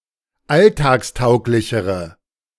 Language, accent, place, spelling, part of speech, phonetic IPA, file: German, Germany, Berlin, alltagstauglichere, adjective, [ˈaltaːksˌtaʊ̯klɪçəʁə], De-alltagstauglichere.ogg
- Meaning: inflection of alltagstauglich: 1. strong/mixed nominative/accusative feminine singular comparative degree 2. strong nominative/accusative plural comparative degree